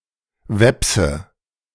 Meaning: Veps (man of Veps origin)
- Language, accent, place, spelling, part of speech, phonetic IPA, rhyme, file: German, Germany, Berlin, Wepse, noun, [ˈvɛpsə], -ɛpsə, De-Wepse.ogg